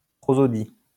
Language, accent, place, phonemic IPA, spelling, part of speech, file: French, France, Lyon, /pʁɔ.zɔ.di/, prosodie, noun, LL-Q150 (fra)-prosodie.wav
- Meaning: prosody (patterns of sounds and rhythms)